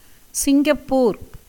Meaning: Singapore (an island and city-state in Southeast Asia, located off the southernmost tip of the Malay Peninsula; a former British crown colony and state of Malaysia (1963-1965))
- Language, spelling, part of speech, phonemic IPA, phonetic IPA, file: Tamil, சிங்கப்பூர், proper noun, /tʃɪŋɡɐpːuːɾ/, [sɪŋɡɐpːuːɾ], Ta-சிங்கப்பூர்.ogg